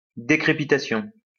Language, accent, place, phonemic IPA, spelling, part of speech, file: French, France, Lyon, /de.kʁe.pi.ta.sjɔ̃/, décrépitation, noun, LL-Q150 (fra)-décrépitation.wav
- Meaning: decrepitation